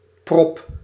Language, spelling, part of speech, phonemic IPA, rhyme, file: Dutch, prop, noun / verb, /prɔp/, -ɔp, Nl-prop.ogg
- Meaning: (noun) a swab, plug made of paper, cloth, slime or some other suitable material